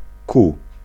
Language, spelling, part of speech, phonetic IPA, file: Polish, ku, preposition, [ku], Pl-ku.ogg